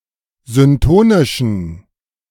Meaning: inflection of syntonisch: 1. strong genitive masculine/neuter singular 2. weak/mixed genitive/dative all-gender singular 3. strong/weak/mixed accusative masculine singular 4. strong dative plural
- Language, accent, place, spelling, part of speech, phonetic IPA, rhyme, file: German, Germany, Berlin, syntonischen, adjective, [zʏnˈtoːnɪʃn̩], -oːnɪʃn̩, De-syntonischen.ogg